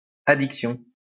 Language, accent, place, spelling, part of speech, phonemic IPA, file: French, France, Lyon, addiction, noun, /a.dik.sjɔ̃/, LL-Q150 (fra)-addiction.wav
- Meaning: addiction